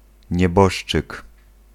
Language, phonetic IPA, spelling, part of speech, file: Polish, [ɲɛˈbɔʃt͡ʃɨk], nieboszczyk, noun, Pl-nieboszczyk.ogg